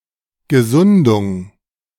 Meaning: recovery
- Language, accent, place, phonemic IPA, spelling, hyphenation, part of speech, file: German, Germany, Berlin, /ɡəˈzʊndʊŋ/, Gesundung, Ge‧sun‧dung, noun, De-Gesundung.ogg